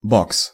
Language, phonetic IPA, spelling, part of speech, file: Russian, [boks], бокс, noun, Ru-бокс.ogg
- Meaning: 1. boxing 2. box (isolation ward in a hospital) 3. box cut (men’s flattop hairstyle in which the hair at the temples and nape of the neck is shaved off) 4. small box (such as for computer disks)